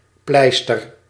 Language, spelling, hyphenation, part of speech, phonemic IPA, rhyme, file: Dutch, pleister, pleis‧ter, noun / verb, /ˈplɛi̯.stər/, -ɛi̯stər, Nl-pleister.ogg
- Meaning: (noun) 1. plaster, sticking plaster, band-aid 2. plaster (lime mixture); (verb) inflection of pleisteren: 1. first-person singular present indicative 2. second-person singular present indicative